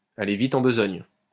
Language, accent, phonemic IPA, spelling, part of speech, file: French, France, /a.le vi.t‿ɑ̃ b(ə).zɔɲ/, aller vite en besogne, verb, LL-Q150 (fra)-aller vite en besogne.wav
- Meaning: to be hasty, to get ahead of oneself